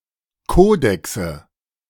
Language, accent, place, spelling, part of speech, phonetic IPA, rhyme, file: German, Germany, Berlin, Kodexe, noun, [ˈkoːdɛksə], -oːdɛksə, De-Kodexe.ogg
- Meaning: nominative/accusative/genitive plural of Kodex